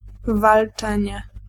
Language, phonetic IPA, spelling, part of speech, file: Polish, [valˈt͡ʃɛ̃ɲɛ], walczenie, noun, Pl-walczenie.ogg